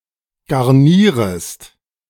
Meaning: second-person singular subjunctive I of garnieren
- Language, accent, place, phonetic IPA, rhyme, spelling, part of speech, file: German, Germany, Berlin, [ɡaʁˈniːʁəst], -iːʁəst, garnierest, verb, De-garnierest.ogg